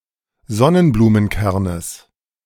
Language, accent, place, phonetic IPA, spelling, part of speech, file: German, Germany, Berlin, [ˈzɔnənbluːmənˌkɛʁnəs], Sonnenblumenkernes, noun, De-Sonnenblumenkernes.ogg
- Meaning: genitive singular of Sonnenblumenkern